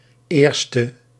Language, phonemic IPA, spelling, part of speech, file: Dutch, /ˈerstə/, 1e, adjective, Nl-1e.ogg
- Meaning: abbreviation of eerste (“first”); 1st